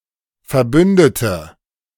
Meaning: inflection of verbünden: 1. first/third-person singular preterite 2. first/third-person singular subjunctive II
- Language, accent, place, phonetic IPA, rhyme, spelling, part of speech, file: German, Germany, Berlin, [fɛɐ̯ˈbʏndətə], -ʏndətə, verbündete, adjective / verb, De-verbündete.ogg